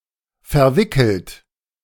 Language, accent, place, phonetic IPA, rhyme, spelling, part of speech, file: German, Germany, Berlin, [fɛɐ̯ˈvɪkl̩t], -ɪkl̩t, verwickelt, verb, De-verwickelt.ogg
- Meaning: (verb) past participle of verwickeln; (adjective) 1. involved, embroiled 2. tangled; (verb) inflection of verwickeln: 1. third-person singular present 2. second-person plural present